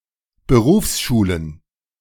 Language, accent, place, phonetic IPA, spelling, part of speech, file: German, Germany, Berlin, [bəˈʁuːfsˌʃuːlən], Berufsschulen, noun, De-Berufsschulen.ogg
- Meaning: plural of Berufsschule